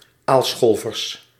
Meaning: plural of aalscholver
- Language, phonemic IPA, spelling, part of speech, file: Dutch, /ˈalsxolvərs/, aalscholvers, noun, Nl-aalscholvers.ogg